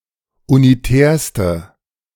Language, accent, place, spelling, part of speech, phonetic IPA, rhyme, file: German, Germany, Berlin, unitärste, adjective, [uniˈtɛːɐ̯stə], -ɛːɐ̯stə, De-unitärste.ogg
- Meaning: inflection of unitär: 1. strong/mixed nominative/accusative feminine singular superlative degree 2. strong nominative/accusative plural superlative degree